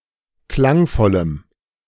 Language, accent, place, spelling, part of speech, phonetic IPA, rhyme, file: German, Germany, Berlin, klangvollem, adjective, [ˈklaŋˌfɔləm], -aŋfɔləm, De-klangvollem.ogg
- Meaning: strong dative masculine/neuter singular of klangvoll